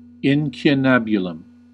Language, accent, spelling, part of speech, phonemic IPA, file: English, US, incunabulum, noun, /ˌɪn.kjʊˈnæb.jʊ.ləm/, En-us-incunabulum.ogg
- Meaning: 1. A book, single sheet, or image that was printed before the year 1501 in Europe 2. The cradle, birthplace, or origin of something